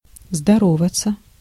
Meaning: to greet, to salute, to say hello/hi
- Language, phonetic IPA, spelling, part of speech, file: Russian, [zdɐˈrovət͡sə], здороваться, verb, Ru-здороваться.ogg